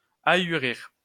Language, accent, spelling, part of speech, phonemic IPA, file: French, France, ahurir, verb, /a.y.ʁiʁ/, LL-Q150 (fra)-ahurir.wav
- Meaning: to astound, dumbfound, stun